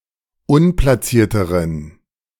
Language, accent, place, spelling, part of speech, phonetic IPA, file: German, Germany, Berlin, unplacierteren, adjective, [ˈʊnplasiːɐ̯təʁən], De-unplacierteren.ogg
- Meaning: inflection of unplaciert: 1. strong genitive masculine/neuter singular comparative degree 2. weak/mixed genitive/dative all-gender singular comparative degree